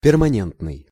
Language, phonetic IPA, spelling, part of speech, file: Russian, [pʲɪrmɐˈnʲentnɨj], перманентный, adjective, Ru-перманентный.ogg
- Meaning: permanent